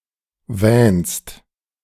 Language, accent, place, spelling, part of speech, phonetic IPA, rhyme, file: German, Germany, Berlin, wähnst, verb, [vɛːnst], -ɛːnst, De-wähnst.ogg
- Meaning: second-person singular present of wähnen